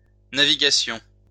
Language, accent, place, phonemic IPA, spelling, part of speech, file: French, France, Lyon, /na.vi.ɡa.sjɔ̃/, navigations, noun, LL-Q150 (fra)-navigations.wav
- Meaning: plural of navigation